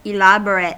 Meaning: 1. Complex, detailed, or sophisticated 2. Intricate, fancy, flashy, or showy
- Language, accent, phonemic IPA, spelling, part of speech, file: English, US, /ɪˈlæb.(ə.)ɹət/, elaborate, adjective, En-us-elaborate.ogg